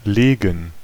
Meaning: 1. causative of liegen: to lay; to put, place, position (someone or something) such that it afterwards lies 2. to lie down 3. to castrate 4. to slay, to defeat
- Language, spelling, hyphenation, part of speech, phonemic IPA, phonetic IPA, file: German, legen, le‧gen, verb, /ˈleːɡən/, [ˈleː.ŋ̍], De-legen.ogg